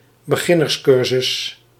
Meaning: beginners' course
- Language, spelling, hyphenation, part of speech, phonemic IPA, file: Dutch, beginnerscursus, be‧gin‧ners‧cur‧sus, noun, /bəˈɣɪ.nərsˌkʏr.zʏs/, Nl-beginnerscursus.ogg